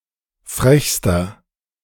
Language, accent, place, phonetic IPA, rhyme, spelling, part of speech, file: German, Germany, Berlin, [ˈfʁɛçstɐ], -ɛçstɐ, frechster, adjective, De-frechster.ogg
- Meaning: inflection of frech: 1. strong/mixed nominative masculine singular superlative degree 2. strong genitive/dative feminine singular superlative degree 3. strong genitive plural superlative degree